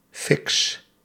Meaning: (noun) 1. fix (single dose of a narcotic drug) 2. fix (something that satisfies a yearning or a craving); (verb) inflection of fixen: first-person singular present indicative
- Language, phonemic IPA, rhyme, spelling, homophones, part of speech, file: Dutch, /fɪks/, -ɪks, fix, fiks, noun / verb, Nl-fix.ogg